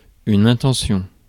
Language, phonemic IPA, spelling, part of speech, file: French, /ɛ̃.tɑ̃.sjɔ̃/, intention, noun, Fr-intention.ogg
- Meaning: intention